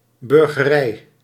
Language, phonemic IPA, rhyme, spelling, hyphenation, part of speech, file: Dutch, /bʏr.ɣəˈrɛi̯/, -ɛi̯, burgerij, bur‧ge‧rij, noun, Nl-burgerij.ogg
- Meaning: 1. citizenry 2. bourgeoisie